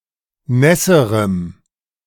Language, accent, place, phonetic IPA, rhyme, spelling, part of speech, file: German, Germany, Berlin, [ˈnɛsəʁəm], -ɛsəʁəm, nässerem, adjective, De-nässerem.ogg
- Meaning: strong dative masculine/neuter singular comparative degree of nass